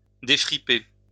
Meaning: to smooth out
- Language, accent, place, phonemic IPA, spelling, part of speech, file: French, France, Lyon, /de.fʁi.pe/, défriper, verb, LL-Q150 (fra)-défriper.wav